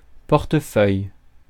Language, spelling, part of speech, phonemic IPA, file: French, portefeuille, noun, /pɔʁ.tə.fœj/, Fr-portefeuille.ogg
- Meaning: 1. wallet 2. folder 3. portfolio (investments) 4. portfolio